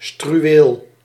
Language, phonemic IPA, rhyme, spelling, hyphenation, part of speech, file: Dutch, /stryˈ(ʋ)eːl/, -eːl, struweel, stru‧weel, noun, Nl-struweel.ogg
- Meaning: 1. brushwood, scrub 2. shrubland (area covered in bushes) 3. bush, shrub